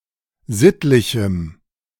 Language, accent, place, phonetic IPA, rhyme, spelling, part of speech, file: German, Germany, Berlin, [ˈzɪtlɪçm̩], -ɪtlɪçm̩, sittlichem, adjective, De-sittlichem.ogg
- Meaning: strong dative masculine/neuter singular of sittlich